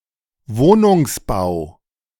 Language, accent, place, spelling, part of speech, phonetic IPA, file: German, Germany, Berlin, Wohnungsbau, noun, [ˈvoːnʊŋsˌbaʊ̯], De-Wohnungsbau.ogg
- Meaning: 1. housing 2. house building